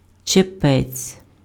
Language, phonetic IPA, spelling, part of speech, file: Ukrainian, [t͡ʃeˈpɛt͡sʲ], чепець, noun, Uk-чепець.ogg
- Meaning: 1. bonnet (women's headwear) 2. omentum (fat fold in the peritoneum of humans and mammals, which is a protective organ of the abdominal cavity)